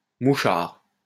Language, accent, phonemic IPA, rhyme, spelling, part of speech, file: French, France, /mu.ʃaʁ/, -aʁ, mouchard, noun, LL-Q150 (fra)-mouchard.wav
- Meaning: 1. (espionage) snitch, grass, tell-tale (police informant) 2. mouchard (undercover investigator) 3. bug (hidden microphone) 4. spyhole, peephole